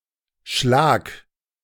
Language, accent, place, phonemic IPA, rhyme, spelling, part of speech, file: German, Germany, Berlin, /ʃlaːk/, -aːk, schlag, verb, De-schlag.ogg
- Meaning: singular imperative of schlagen